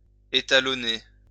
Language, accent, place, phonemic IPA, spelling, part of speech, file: French, France, Lyon, /e.ta.lɔ.ne/, étalonner, verb, LL-Q150 (fra)-étalonner.wav
- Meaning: to calibrate